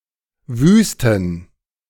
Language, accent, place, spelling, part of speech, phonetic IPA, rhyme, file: German, Germany, Berlin, wüsten, verb / adjective, [ˈvyːstn̩], -yːstn̩, De-wüsten.ogg
- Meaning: inflection of wüst: 1. strong genitive masculine/neuter singular 2. weak/mixed genitive/dative all-gender singular 3. strong/weak/mixed accusative masculine singular 4. strong dative plural